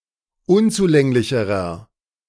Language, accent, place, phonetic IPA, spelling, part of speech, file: German, Germany, Berlin, [ˈʊnt͡suˌlɛŋlɪçəʁɐ], unzulänglicherer, adjective, De-unzulänglicherer.ogg
- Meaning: inflection of unzulänglich: 1. strong/mixed nominative masculine singular comparative degree 2. strong genitive/dative feminine singular comparative degree 3. strong genitive plural comparative degree